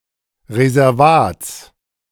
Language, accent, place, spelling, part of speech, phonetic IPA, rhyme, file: German, Germany, Berlin, Reservats, noun, [ʁezɛʁˈvaːt͡s], -aːt͡s, De-Reservats.ogg
- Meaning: genitive singular of Reservat